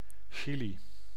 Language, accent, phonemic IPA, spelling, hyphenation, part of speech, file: Dutch, Netherlands, /ˈʃi.li/, Chili, Chi‧li, proper noun, Nl-Chili.ogg
- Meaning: Chile (a country in South America)